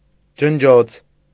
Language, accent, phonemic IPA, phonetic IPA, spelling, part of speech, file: Armenian, Eastern Armenian, /d͡ʒənˈd͡ʒot͡sʰ/, [d͡ʒənd͡ʒót͡sʰ], ջնջոց, noun, Hy-ջնջոց.ogg
- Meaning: cloth, rag (for dusting, cleaning)